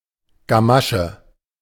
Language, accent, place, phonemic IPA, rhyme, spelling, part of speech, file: German, Germany, Berlin, /ɡaˈmaʃə/, -aʃə, Gamasche, noun, De-Gamasche.ogg
- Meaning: 1. spat, leg warmer (covering worn over a shoe) 2. fear, angst